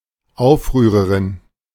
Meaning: female equivalent of Aufrührer
- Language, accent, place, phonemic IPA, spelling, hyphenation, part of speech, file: German, Germany, Berlin, /ˈaʊ̯fˌʁyːʁɐʁɪn/, Aufrührerin, Auf‧rüh‧re‧rin, noun, De-Aufrührerin.ogg